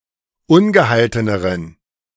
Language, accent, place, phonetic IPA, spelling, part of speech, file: German, Germany, Berlin, [ˈʊnɡəˌhaltənəʁən], ungehalteneren, adjective, De-ungehalteneren.ogg
- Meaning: inflection of ungehalten: 1. strong genitive masculine/neuter singular comparative degree 2. weak/mixed genitive/dative all-gender singular comparative degree